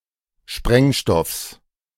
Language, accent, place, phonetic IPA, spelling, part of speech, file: German, Germany, Berlin, [ˈʃpʁɛŋˌʃtɔfs], Sprengstoffs, noun, De-Sprengstoffs.ogg
- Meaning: genitive singular of Sprengstoff